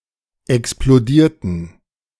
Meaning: inflection of explodieren: 1. first/third-person plural preterite 2. first/third-person plural subjunctive II
- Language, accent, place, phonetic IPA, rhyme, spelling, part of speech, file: German, Germany, Berlin, [ɛksploˈdiːɐ̯tn̩], -iːɐ̯tn̩, explodierten, adjective / verb, De-explodierten.ogg